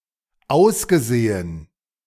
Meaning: past participle of aussehen
- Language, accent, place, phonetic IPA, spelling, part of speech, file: German, Germany, Berlin, [ˈaʊ̯sɡəˌz̥eːən], ausgesehen, verb, De-ausgesehen.ogg